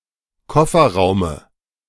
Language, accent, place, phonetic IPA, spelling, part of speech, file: German, Germany, Berlin, [ˈkɔfɐˌʁaʊ̯mə], Kofferraume, noun, De-Kofferraume.ogg
- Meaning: dative singular of Kofferraum